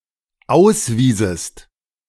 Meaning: second-person singular dependent subjunctive II of ausweisen
- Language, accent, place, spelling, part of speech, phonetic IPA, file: German, Germany, Berlin, auswiesest, verb, [ˈaʊ̯sˌviːzəst], De-auswiesest.ogg